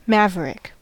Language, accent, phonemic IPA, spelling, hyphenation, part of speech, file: English, General American, /ˈmævəɹɪk/, maverick, ma‧ve‧rick, adjective / noun / verb, En-us-maverick.ogg
- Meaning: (adjective) 1. Unbranded 2. Showing independence in thoughts or actions; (noun) 1. An unbranded range animal 2. Anything dishonestly obtained 3. One who is unconventional or does not abide by rules